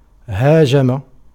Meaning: 1. to attack 2. to rush suddenly upon
- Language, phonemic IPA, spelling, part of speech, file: Arabic, /haː.d͡ʒa.ma/, هاجم, verb, Ar-هاجم.ogg